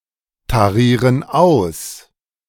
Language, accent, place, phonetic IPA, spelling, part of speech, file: German, Germany, Berlin, [taˌʁiːʁən ˈaʊ̯s], tarieren aus, verb, De-tarieren aus.ogg
- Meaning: inflection of austarieren: 1. first/third-person plural present 2. first/third-person plural subjunctive I